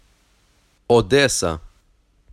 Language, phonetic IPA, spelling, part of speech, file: Ukrainian, [ɔˈdɛsɐ], Одеса, proper noun, Uk-Одеса.ogg
- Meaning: Odesa (a city, an oblast of Ukraine)